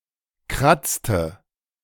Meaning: inflection of kratzen: 1. first/third-person singular preterite 2. first/third-person singular subjunctive II
- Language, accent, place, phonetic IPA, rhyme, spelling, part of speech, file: German, Germany, Berlin, [ˈkʁat͡stə], -at͡stə, kratzte, verb, De-kratzte.ogg